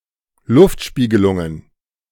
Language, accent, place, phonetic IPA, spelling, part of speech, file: German, Germany, Berlin, [ˈlʊftˌʃpiːɡəlʊŋən], Luftspiegelungen, noun, De-Luftspiegelungen.ogg
- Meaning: plural of Luftspiegelung